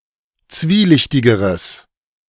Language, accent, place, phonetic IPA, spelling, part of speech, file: German, Germany, Berlin, [ˈt͡sviːˌlɪçtɪɡəʁəs], zwielichtigeres, adjective, De-zwielichtigeres.ogg
- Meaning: strong/mixed nominative/accusative neuter singular comparative degree of zwielichtig